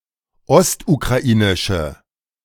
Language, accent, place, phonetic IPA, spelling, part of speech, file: German, Germany, Berlin, [ˈɔstukʁaˌʔiːnɪʃə], ostukrainische, adjective, De-ostukrainische.ogg
- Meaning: inflection of ostukrainisch: 1. strong/mixed nominative/accusative feminine singular 2. strong nominative/accusative plural 3. weak nominative all-gender singular